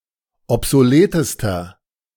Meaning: inflection of obsolet: 1. strong/mixed nominative masculine singular superlative degree 2. strong genitive/dative feminine singular superlative degree 3. strong genitive plural superlative degree
- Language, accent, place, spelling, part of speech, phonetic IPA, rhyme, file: German, Germany, Berlin, obsoletester, adjective, [ɔpzoˈleːtəstɐ], -eːtəstɐ, De-obsoletester.ogg